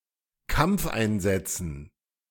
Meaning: dative plural of Kampfeinsatz
- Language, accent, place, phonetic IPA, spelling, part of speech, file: German, Germany, Berlin, [ˈkamp͡fʔaɪ̯nˌzɛt͡sn̩], Kampfeinsätzen, noun, De-Kampfeinsätzen.ogg